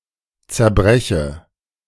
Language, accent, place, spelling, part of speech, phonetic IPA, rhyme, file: German, Germany, Berlin, zerbreche, verb, [t͡sɛɐ̯ˈbʁɛçə], -ɛçə, De-zerbreche.ogg
- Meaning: inflection of zerbrechen: 1. first-person singular present 2. first/third-person singular subjunctive I